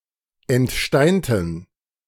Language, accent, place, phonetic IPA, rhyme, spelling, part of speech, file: German, Germany, Berlin, [ɛntˈʃtaɪ̯ntn̩], -aɪ̯ntn̩, entsteinten, adjective / verb, De-entsteinten.ogg
- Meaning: inflection of entsteint: 1. strong genitive masculine/neuter singular 2. weak/mixed genitive/dative all-gender singular 3. strong/weak/mixed accusative masculine singular 4. strong dative plural